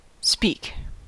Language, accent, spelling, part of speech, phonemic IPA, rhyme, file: English, US, speak, verb / noun, /spik/, -iːk, En-us-speak.ogg
- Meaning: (verb) 1. To communicate with one's voice, to say words out loud 2. To have a conversation 3. To communicate or converse by some means other than orally, such as writing or facial expressions